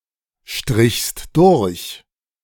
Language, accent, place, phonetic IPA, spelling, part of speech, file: German, Germany, Berlin, [ˌʃtʁɪçst ˈdʊʁç], strichst durch, verb, De-strichst durch.ogg
- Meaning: second-person singular preterite of durchstreichen